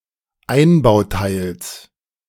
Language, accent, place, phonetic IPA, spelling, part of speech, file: German, Germany, Berlin, [ˈaɪ̯nbaʊ̯ˌtaɪ̯ls], Einbauteils, noun, De-Einbauteils.ogg
- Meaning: genitive singular of Einbauteil